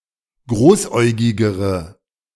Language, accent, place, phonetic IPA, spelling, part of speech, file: German, Germany, Berlin, [ˈɡʁoːsˌʔɔɪ̯ɡɪɡəʁə], großäugigere, adjective, De-großäugigere.ogg
- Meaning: inflection of großäugig: 1. strong/mixed nominative/accusative feminine singular comparative degree 2. strong nominative/accusative plural comparative degree